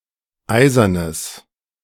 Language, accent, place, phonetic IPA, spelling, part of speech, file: German, Germany, Berlin, [ˈaɪ̯zɐnəs], eisernes, adjective, De-eisernes.ogg
- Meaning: strong/mixed nominative/accusative neuter singular of eisern